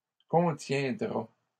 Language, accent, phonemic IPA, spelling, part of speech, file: French, Canada, /kɔ̃.tjɛ̃.dʁa/, contiendra, verb, LL-Q150 (fra)-contiendra.wav
- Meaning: third-person singular future of contenir